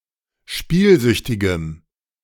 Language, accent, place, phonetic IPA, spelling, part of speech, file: German, Germany, Berlin, [ˈʃpiːlˌzʏçtɪɡəm], spielsüchtigem, adjective, De-spielsüchtigem.ogg
- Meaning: strong dative masculine/neuter singular of spielsüchtig